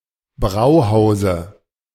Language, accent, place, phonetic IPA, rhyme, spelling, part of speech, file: German, Germany, Berlin, [ˈbʁaʊ̯ˌhaʊ̯zə], -aʊ̯haʊ̯zə, Brauhause, noun, De-Brauhause.ogg
- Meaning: dative singular of Brauhaus